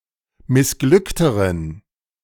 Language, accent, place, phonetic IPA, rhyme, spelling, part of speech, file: German, Germany, Berlin, [mɪsˈɡlʏktəʁən], -ʏktəʁən, missglückteren, adjective, De-missglückteren.ogg
- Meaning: inflection of missglückt: 1. strong genitive masculine/neuter singular comparative degree 2. weak/mixed genitive/dative all-gender singular comparative degree